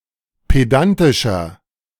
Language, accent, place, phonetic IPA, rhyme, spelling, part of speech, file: German, Germany, Berlin, [ˌpeˈdantɪʃɐ], -antɪʃɐ, pedantischer, adjective, De-pedantischer.ogg
- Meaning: 1. comparative degree of pedantisch 2. inflection of pedantisch: strong/mixed nominative masculine singular 3. inflection of pedantisch: strong genitive/dative feminine singular